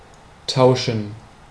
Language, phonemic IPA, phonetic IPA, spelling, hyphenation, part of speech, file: German, /ˈtaʊ̯ʃən/, [ˈtʰaʊ̯ʃn̩], tauschen, tau‧schen, verb, De-tauschen.ogg
- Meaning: 1. to trade, to exchange, to swap, to barter 2. to do something mutually; to swap circumstances